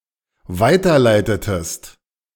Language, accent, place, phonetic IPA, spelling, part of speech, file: German, Germany, Berlin, [ˈvaɪ̯tɐˌlaɪ̯tətəst], weiterleitetest, verb, De-weiterleitetest.ogg
- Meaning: inflection of weiterleiten: 1. second-person singular dependent preterite 2. second-person singular dependent subjunctive II